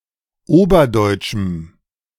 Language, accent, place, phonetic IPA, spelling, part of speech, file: German, Germany, Berlin, [ˈoːbɐˌdɔɪ̯t͡ʃm̩], oberdeutschem, adjective, De-oberdeutschem.ogg
- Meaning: strong dative masculine/neuter singular of oberdeutsch